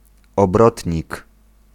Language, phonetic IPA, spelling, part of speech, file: Polish, [ɔbˈrɔtʲɲik], obrotnik, noun, Pl-obrotnik.ogg